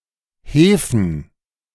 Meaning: plural of Hefe
- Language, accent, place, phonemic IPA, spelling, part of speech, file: German, Germany, Berlin, /ˈheːfən/, Hefen, noun, De-Hefen.ogg